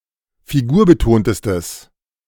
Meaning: strong/mixed nominative/accusative neuter singular superlative degree of figurbetont
- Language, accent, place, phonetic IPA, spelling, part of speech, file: German, Germany, Berlin, [fiˈɡuːɐ̯bəˌtoːntəstəs], figurbetontestes, adjective, De-figurbetontestes.ogg